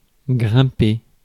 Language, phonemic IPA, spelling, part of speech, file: French, /ɡʁɛ̃.pe/, grimper, verb, Fr-grimper.ogg
- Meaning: (climbing) to climb, climb up